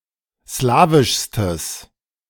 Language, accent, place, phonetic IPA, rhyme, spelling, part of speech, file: German, Germany, Berlin, [ˈslaːvɪʃstəs], -aːvɪʃstəs, slawischstes, adjective, De-slawischstes.ogg
- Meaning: strong/mixed nominative/accusative neuter singular superlative degree of slawisch